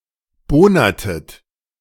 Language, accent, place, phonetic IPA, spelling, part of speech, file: German, Germany, Berlin, [ˈboːnɐtət], bohnertet, verb, De-bohnertet.ogg
- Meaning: inflection of bohnern: 1. second-person plural preterite 2. second-person plural subjunctive II